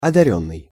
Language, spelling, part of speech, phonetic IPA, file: Russian, одарённый, verb / adjective, [ɐdɐˈrʲɵnːɨj], Ru-одарённый.ogg
- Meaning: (verb) past passive perfective participle of одари́ть (odarítʹ); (adjective) 1. endowed (with) 2. gifted, talented